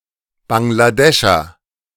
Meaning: Bangladeshi (person from Bangladesh or of Bangladeshi descent)
- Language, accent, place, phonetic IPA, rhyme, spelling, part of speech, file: German, Germany, Berlin, [baŋɡlaˈdɛʃɐ], -ɛʃɐ, Bangladescher, noun, De-Bangladescher.ogg